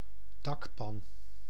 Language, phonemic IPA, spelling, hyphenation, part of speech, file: Dutch, /ˈdɑkˌpɑn/, dakpan, dak‧pan, noun, Nl-dakpan.ogg
- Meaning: roof tile